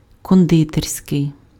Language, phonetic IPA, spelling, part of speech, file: Ukrainian, [kɔnˈdɪtersʲkei̯], кондитерський, adjective, Uk-кондитерський.ogg
- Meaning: confectionery (attributive), confectioner's, confectionary